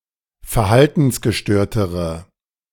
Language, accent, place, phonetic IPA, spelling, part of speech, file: German, Germany, Berlin, [fɛɐ̯ˈhaltn̩sɡəˌʃtøːɐ̯təʁə], verhaltensgestörtere, adjective, De-verhaltensgestörtere.ogg
- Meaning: inflection of verhaltensgestört: 1. strong/mixed nominative/accusative feminine singular comparative degree 2. strong nominative/accusative plural comparative degree